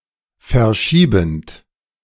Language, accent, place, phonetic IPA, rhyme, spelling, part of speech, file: German, Germany, Berlin, [fɛɐ̯ˈʃiːbn̩t], -iːbn̩t, verschiebend, verb, De-verschiebend.ogg
- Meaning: present participle of verschieben